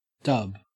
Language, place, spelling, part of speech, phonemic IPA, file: English, Queensland, dub, verb / noun, /dɐb/, En-au-dub.ogg
- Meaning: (verb) 1. To confer knighthood; the conclusion of the ceremony was marked by a tap on the shoulder with a sword, the accolade 2. To name, to entitle, to call 3. To deem